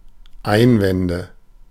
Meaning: nominative/accusative/genitive plural of Einwand
- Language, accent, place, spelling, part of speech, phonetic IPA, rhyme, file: German, Germany, Berlin, Einwände, noun, [ˈaɪ̯nˌvɛndə], -aɪ̯nvɛndə, De-Einwände.ogg